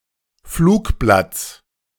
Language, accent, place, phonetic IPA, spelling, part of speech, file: German, Germany, Berlin, [ˈfluːkˌblat͡s], Flugblatts, noun, De-Flugblatts.ogg
- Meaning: genitive singular of Flugblatt